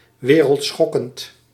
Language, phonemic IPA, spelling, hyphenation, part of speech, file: Dutch, /ˌʋeː.rəltˈsxɔ.kənt/, wereldschokkend, we‧reld‧schok‧kend, adjective, Nl-wereldschokkend.ogg
- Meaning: earthshattering, shocking, of great import or consequence